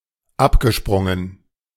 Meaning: past participle of abspringen
- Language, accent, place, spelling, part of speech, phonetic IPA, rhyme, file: German, Germany, Berlin, abgesprungen, verb, [ˈapɡəˌʃpʁʊŋən], -apɡəʃpʁʊŋən, De-abgesprungen.ogg